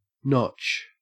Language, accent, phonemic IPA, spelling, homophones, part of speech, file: English, Australia, /nɔtʃ/, notch, nautch, noun / verb, En-au-notch.ogg
- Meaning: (noun) 1. A V-shaped cut 2. A V-shaped cut.: Such a cut, used for keeping a record 3. An indentation 4. A mountain pass; a defile 5. The female primary sex organ, vulva 6. A woman